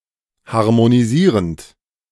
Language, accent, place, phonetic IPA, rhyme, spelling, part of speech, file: German, Germany, Berlin, [haʁmoniˈziːʁənt], -iːʁənt, harmonisierend, verb, De-harmonisierend.ogg
- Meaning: present participle of harmonisieren